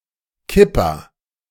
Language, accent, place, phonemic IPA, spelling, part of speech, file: German, Germany, Berlin, /ˈkɪpa/, Kippa, noun, De-Kippa.ogg
- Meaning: kippah, yarmulke, skullcap (Jewish head covering)